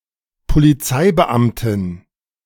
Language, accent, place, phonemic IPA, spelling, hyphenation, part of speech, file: German, Germany, Berlin, /poliˈt͡saɪ̯bəˌʔamtɪn/, Polizeibeamtin, Po‧li‧zei‧be‧am‧tin, noun, De-Polizeibeamtin.ogg
- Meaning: female equivalent of Polizeibeamter: policewoman, female police officer